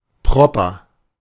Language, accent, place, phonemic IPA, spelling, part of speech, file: German, Germany, Berlin, /ˈpʁɔpɐ/, proper, adjective, De-proper.ogg
- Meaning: 1. in good condition: clean; neat; well-kept; developed 2. overweight; chubby